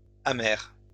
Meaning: feminine plural of amer
- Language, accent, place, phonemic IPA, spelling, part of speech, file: French, France, Lyon, /a.mɛʁ/, amères, adjective, LL-Q150 (fra)-amères.wav